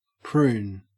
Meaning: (noun) 1. A plum 2. The dried, wrinkled fruit of certain species of plum 3. Something wrinkly like a prune 4. An old woman, especially a wrinkly one
- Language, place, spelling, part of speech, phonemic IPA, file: English, Queensland, prune, noun / verb, /pɹʉːn/, En-au-prune.ogg